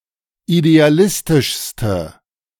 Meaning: inflection of idealistisch: 1. strong/mixed nominative/accusative feminine singular superlative degree 2. strong nominative/accusative plural superlative degree
- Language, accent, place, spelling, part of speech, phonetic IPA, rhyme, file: German, Germany, Berlin, idealistischste, adjective, [ideaˈlɪstɪʃstə], -ɪstɪʃstə, De-idealistischste.ogg